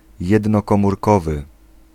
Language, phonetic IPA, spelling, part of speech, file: Polish, [ˌjɛdnɔkɔ̃murˈkɔvɨ], jednokomórkowy, adjective, Pl-jednokomórkowy.ogg